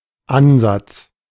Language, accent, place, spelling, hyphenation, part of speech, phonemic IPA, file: German, Germany, Berlin, Ansatz, An‧satz, noun, /ˈanzats/, De-Ansatz.ogg
- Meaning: 1. addition 2. addition: ansatz 3. attachment 4. attachment: embouchure 5. approach: attempt 6. approach: starting point